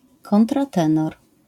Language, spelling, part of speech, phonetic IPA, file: Polish, kontratenor, noun, [ˌkɔ̃ntraˈtɛ̃nɔr], LL-Q809 (pol)-kontratenor.wav